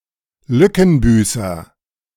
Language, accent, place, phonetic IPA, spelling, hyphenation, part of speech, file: German, Germany, Berlin, [ˈlʏkn̩ˌbyːsɐ], Lückenbüßer, Lü‧cken‧bü‧ßer, noun, De-Lückenbüßer.ogg
- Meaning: stopgap